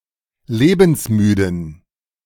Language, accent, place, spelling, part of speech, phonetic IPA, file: German, Germany, Berlin, lebensmüden, adjective, [ˈleːbn̩sˌmyːdn̩], De-lebensmüden.ogg
- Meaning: inflection of lebensmüde: 1. strong genitive masculine/neuter singular 2. weak/mixed genitive/dative all-gender singular 3. strong/weak/mixed accusative masculine singular 4. strong dative plural